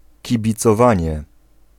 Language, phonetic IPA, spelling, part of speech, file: Polish, [ˌcibʲit͡sɔˈvãɲɛ], kibicowanie, noun, Pl-kibicowanie.ogg